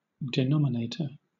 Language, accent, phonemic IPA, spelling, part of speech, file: English, Southern England, /dɪˈnɒmɪneɪtə(ɹ)/, denominator, noun, LL-Q1860 (eng)-denominator.wav
- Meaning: 1. The number or expression written below the line in a fraction (such as 2 in ½) 2. One who gives a name to something